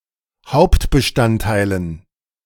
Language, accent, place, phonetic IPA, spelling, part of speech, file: German, Germany, Berlin, [ˈhaʊ̯ptbəˌʃtanttaɪ̯lən], Hauptbestandteilen, noun, De-Hauptbestandteilen.ogg
- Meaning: dative plural of Hauptbestandteil